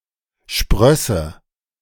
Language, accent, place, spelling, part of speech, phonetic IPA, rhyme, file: German, Germany, Berlin, sprösse, verb, [ˈʃpʁœsə], -œsə, De-sprösse.ogg
- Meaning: first/third-person singular subjunctive II of sprießen